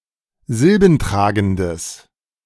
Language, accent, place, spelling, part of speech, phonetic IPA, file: German, Germany, Berlin, silbentragendes, adjective, [ˈzɪlbn̩ˌtʁaːɡn̩dəs], De-silbentragendes.ogg
- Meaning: strong/mixed nominative/accusative neuter singular of silbentragend